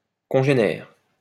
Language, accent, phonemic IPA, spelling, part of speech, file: French, France, /kɔ̃.ʒe.nɛʁ/, congénère, adjective / noun, LL-Q150 (fra)-congénère.wav
- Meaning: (adjective) congeneric or conspecific; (noun) 1. a peer, an individual of the same sort 2. a congener or a conspecific